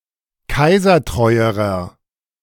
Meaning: inflection of kaisertreu: 1. strong/mixed nominative masculine singular comparative degree 2. strong genitive/dative feminine singular comparative degree 3. strong genitive plural comparative degree
- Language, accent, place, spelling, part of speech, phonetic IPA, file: German, Germany, Berlin, kaisertreuerer, adjective, [ˈkaɪ̯zɐˌtʁɔɪ̯əʁɐ], De-kaisertreuerer.ogg